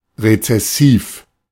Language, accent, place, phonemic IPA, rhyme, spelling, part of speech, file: German, Germany, Berlin, /ʁet͡sɛˈsiːf/, -iːf, rezessiv, adjective, De-rezessiv.ogg
- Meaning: recessive